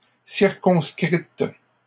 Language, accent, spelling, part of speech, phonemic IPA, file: French, Canada, circonscrite, verb, /siʁ.kɔ̃s.kʁit/, LL-Q150 (fra)-circonscrite.wav
- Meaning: feminine singular of circonscrit